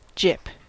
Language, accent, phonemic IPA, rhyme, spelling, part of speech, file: English, US, /d͡ʒɪp/, -ɪp, gyp, noun / verb, En-us-gyp.ogg
- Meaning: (noun) 1. A cheat or swindle; a rip-off 2. Synonym of gypsy (“contra dance step”); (verb) To cheat or swindle